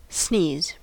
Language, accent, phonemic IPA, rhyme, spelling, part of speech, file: English, US, /sniːz/, -iːz, sneeze, verb / noun, En-us-sneeze.ogg
- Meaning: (verb) 1. To expel air as a reflex induced by an irritation in the nose 2. To expel air as if the nose were irritated